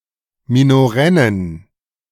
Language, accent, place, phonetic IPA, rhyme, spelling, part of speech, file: German, Germany, Berlin, [minoˈʁɛnən], -ɛnən, minorennen, adjective, De-minorennen.ogg
- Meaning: inflection of minorenn: 1. strong genitive masculine/neuter singular 2. weak/mixed genitive/dative all-gender singular 3. strong/weak/mixed accusative masculine singular 4. strong dative plural